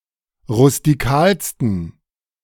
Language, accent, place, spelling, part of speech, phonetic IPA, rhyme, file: German, Germany, Berlin, rustikalsten, adjective, [ʁʊstiˈkaːlstn̩], -aːlstn̩, De-rustikalsten.ogg
- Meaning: 1. superlative degree of rustikal 2. inflection of rustikal: strong genitive masculine/neuter singular superlative degree